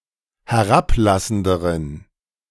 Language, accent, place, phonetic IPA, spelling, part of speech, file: German, Germany, Berlin, [hɛˈʁapˌlasn̩dəʁən], herablassenderen, adjective, De-herablassenderen.ogg
- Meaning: inflection of herablassend: 1. strong genitive masculine/neuter singular comparative degree 2. weak/mixed genitive/dative all-gender singular comparative degree